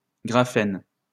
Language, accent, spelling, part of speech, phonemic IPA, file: French, France, graphène, noun, /ɡʁa.fɛn/, LL-Q150 (fra)-graphène.wav
- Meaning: graphene